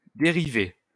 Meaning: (noun) 1. a derived one of any sort (of feminine grammatical gender) 2. derivative (in analysis: value of a function); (verb) feminine singular of dérivé
- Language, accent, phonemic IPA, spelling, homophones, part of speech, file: French, France, /de.ʁi.ve/, dérivée, dérivai / dérivé / dérivées / dériver / dérivés / dérivez, noun / verb, LL-Q150 (fra)-dérivée.wav